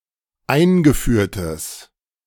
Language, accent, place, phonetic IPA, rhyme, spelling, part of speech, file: German, Germany, Berlin, [ˈaɪ̯nɡəˌfyːɐ̯təs], -aɪ̯nɡəfyːɐ̯təs, eingeführtes, adjective, De-eingeführtes.ogg
- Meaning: strong/mixed nominative/accusative neuter singular of eingeführt